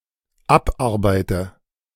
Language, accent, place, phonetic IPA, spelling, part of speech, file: German, Germany, Berlin, [ˈapˌʔaʁbaɪ̯tə], abarbeite, verb, De-abarbeite.ogg
- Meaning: inflection of abarbeiten: 1. first-person singular dependent present 2. first/third-person singular dependent subjunctive I